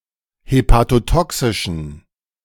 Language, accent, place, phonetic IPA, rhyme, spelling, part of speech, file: German, Germany, Berlin, [hepatoˈtɔksɪʃn̩], -ɔksɪʃn̩, hepatotoxischen, adjective, De-hepatotoxischen.ogg
- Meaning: inflection of hepatotoxisch: 1. strong genitive masculine/neuter singular 2. weak/mixed genitive/dative all-gender singular 3. strong/weak/mixed accusative masculine singular 4. strong dative plural